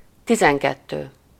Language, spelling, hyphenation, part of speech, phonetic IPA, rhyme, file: Hungarian, tizenkettő, ti‧zen‧ket‧tő, numeral, [ˈtizɛŋkɛtːøː], -tøː, Hu-tizenkettő.ogg
- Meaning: twelve